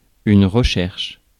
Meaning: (noun) 1. research 2. search; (verb) inflection of rechercher: 1. first/third-person singular present indicative/subjunctive 2. second-person singular imperative
- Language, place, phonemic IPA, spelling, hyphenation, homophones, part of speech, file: French, Paris, /ʁə.ʃɛʁʃ/, recherche, re‧cherche, recherchent / recherches, noun / verb, Fr-recherche.ogg